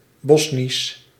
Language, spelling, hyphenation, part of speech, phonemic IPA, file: Dutch, Bosnisch, Bos‧nisch, adjective / proper noun, /ˈbɔsnis/, Nl-Bosnisch.ogg
- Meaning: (adjective) Bosnian; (proper noun) Bosnian (the language)